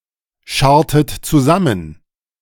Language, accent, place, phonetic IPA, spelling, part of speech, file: German, Germany, Berlin, [ˌʃaʁtət t͡suˈzamən], scharrtet zusammen, verb, De-scharrtet zusammen.ogg
- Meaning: inflection of zusammenscharren: 1. second-person plural preterite 2. second-person plural subjunctive II